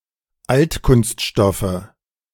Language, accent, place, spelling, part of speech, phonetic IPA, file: German, Germany, Berlin, Altkunststoffe, noun, [ˈaltkʊnstˌʃtɔfə], De-Altkunststoffe.ogg
- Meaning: nominative/accusative/genitive plural of Altkunststoff